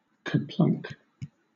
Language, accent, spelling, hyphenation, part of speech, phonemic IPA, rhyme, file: English, Southern England, kerplunk, ker‧plunk, noun / interjection / verb, /kəˈplʌŋk/, -ʌŋk, LL-Q1860 (eng)-kerplunk.wav
- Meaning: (noun) 1. A sound of someone or something falling and landing heavily 2. A disappointment which comes as a surprise; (interjection) Used to indicate a thudding sound